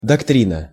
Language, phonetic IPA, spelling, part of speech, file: Russian, [dɐkˈtrʲinə], доктрина, noun, Ru-доктрина.ogg
- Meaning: doctrine